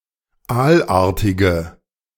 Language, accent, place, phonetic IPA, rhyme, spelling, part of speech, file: German, Germany, Berlin, [ˈaːlˌʔaːɐ̯tɪɡə], -aːlʔaːɐ̯tɪɡə, aalartige, adjective, De-aalartige.ogg
- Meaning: inflection of aalartig: 1. strong/mixed nominative/accusative feminine singular 2. strong nominative/accusative plural 3. weak nominative all-gender singular